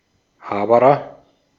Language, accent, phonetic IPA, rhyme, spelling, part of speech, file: German, Austria, [ˈhaːbəʁɐ], -aːbəʁɐ, Haberer, noun, De-at-Haberer.ogg
- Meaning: friend, close companion